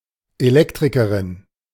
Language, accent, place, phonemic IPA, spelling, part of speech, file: German, Germany, Berlin, /eˈlɛktʁɪkɐʁɪn/, Elektrikerin, noun, De-Elektrikerin.ogg
- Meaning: female equivalent of Elektriker (“electrician”)